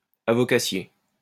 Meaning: shysterish
- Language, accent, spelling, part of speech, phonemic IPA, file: French, France, avocassier, adjective, /a.vɔ.ka.sje/, LL-Q150 (fra)-avocassier.wav